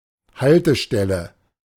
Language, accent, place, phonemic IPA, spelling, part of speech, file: German, Germany, Berlin, /ˈhaltəˌʃtɛlə/, Haltestelle, noun, De-Haltestelle.ogg
- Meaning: stop (place to get on and off line buses or trams)